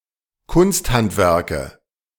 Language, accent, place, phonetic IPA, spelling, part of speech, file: German, Germany, Berlin, [ˈkʊnstˌhantvɛʁkə], Kunsthandwerke, noun, De-Kunsthandwerke.ogg
- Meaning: nominative/accusative/genitive plural of Kunsthandwerk